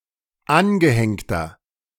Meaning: inflection of angehängt: 1. strong/mixed nominative masculine singular 2. strong genitive/dative feminine singular 3. strong genitive plural
- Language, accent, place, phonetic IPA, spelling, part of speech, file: German, Germany, Berlin, [ˈanɡəˌhɛŋtɐ], angehängter, adjective, De-angehängter.ogg